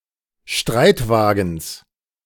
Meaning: genitive singular of Streitwagen
- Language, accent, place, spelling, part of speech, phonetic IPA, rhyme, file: German, Germany, Berlin, Streitwagens, noun, [ˈʃtʁaɪ̯tˌvaːɡn̩s], -aɪ̯tvaːɡn̩s, De-Streitwagens.ogg